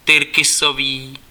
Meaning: turquoise (color)
- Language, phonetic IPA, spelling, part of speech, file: Czech, [ˈtɪrkɪsoviː], tyrkysový, adjective, Cs-tyrkysový.ogg